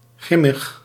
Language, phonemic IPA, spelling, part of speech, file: Dutch, /ˈɣrɪməx/, grimmig, adjective, Nl-grimmig.ogg
- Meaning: gruesome, grim